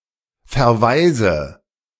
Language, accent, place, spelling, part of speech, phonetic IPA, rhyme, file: German, Germany, Berlin, verwaise, verb, [fɛɐ̯ˈvaɪ̯zə], -aɪ̯zə, De-verwaise.ogg
- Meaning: inflection of verwaisen: 1. first-person singular present 2. first/third-person singular subjunctive I 3. singular imperative